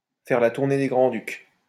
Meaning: to paint the town red, to go out on the town
- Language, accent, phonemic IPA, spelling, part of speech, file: French, France, /fɛʁ la tuʁ.ne de ɡʁɑ̃.dyk/, faire la tournée des grands-ducs, verb, LL-Q150 (fra)-faire la tournée des grands-ducs.wav